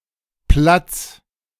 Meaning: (noun) 1. square, plaza, piazza 2. circus 3. space, room 4. place, seat, spot, position (precise location someone or something occupies) 5. place, location, site (in general)
- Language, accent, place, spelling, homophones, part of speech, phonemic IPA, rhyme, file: German, Germany, Berlin, Platz, Platts / platz, noun / interjection, /plat͡s/, -ats, De-Platz.ogg